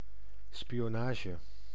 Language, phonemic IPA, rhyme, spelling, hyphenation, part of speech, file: Dutch, /spi.oːˈnaː.ʒə/, -aːʒə, spionage, spi‧o‧na‧ge, noun, Nl-spionage.ogg
- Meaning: espionage, spying